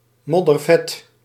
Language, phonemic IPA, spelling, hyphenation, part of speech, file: Dutch, /ˌmɔ.dərˈvɛt/, moddervet, mod‧der‧vet, adjective, Nl-moddervet.ogg
- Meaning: 1. very fat, extremely obese 2. extremely fat (containing a lot of lipids) 3. very cool, awesome